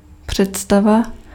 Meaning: image (mental picture)
- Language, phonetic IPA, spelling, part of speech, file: Czech, [ˈpr̝̊ɛtstava], představa, noun, Cs-představa.ogg